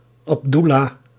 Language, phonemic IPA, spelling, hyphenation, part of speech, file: Dutch, /ˌɑpˈdu.laː/, Abdoella, Ab‧doel‧la, proper noun, Nl-Abdoella.ogg
- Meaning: a male given name from Arabic, equivalent to English Abdullah